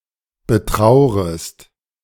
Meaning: second-person singular subjunctive I of betrauern
- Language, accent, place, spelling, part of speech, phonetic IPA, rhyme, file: German, Germany, Berlin, betraurest, verb, [bəˈtʁaʊ̯ʁəst], -aʊ̯ʁəst, De-betraurest.ogg